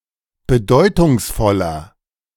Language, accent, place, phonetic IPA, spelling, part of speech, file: German, Germany, Berlin, [bəˈdɔɪ̯tʊŋsˌfɔlɐ], bedeutungsvoller, adjective, De-bedeutungsvoller.ogg
- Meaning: 1. comparative degree of bedeutungsvoll 2. inflection of bedeutungsvoll: strong/mixed nominative masculine singular 3. inflection of bedeutungsvoll: strong genitive/dative feminine singular